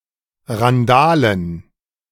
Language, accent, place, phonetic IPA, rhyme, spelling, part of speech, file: German, Germany, Berlin, [ʁanˈdaːlən], -aːlən, Randalen, noun, De-Randalen.ogg
- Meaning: dative plural of Randale